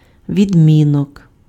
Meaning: case
- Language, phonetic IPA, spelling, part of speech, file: Ukrainian, [ʋʲidʲˈmʲinɔk], відмінок, noun, Uk-відмінок.ogg